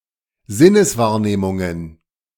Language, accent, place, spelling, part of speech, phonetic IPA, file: German, Germany, Berlin, Sinneswahrnehmungen, noun, [ˈzɪnəsˌvaːɐ̯neːmʊŋən], De-Sinneswahrnehmungen.ogg
- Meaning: plural of Sinneswahrnehmung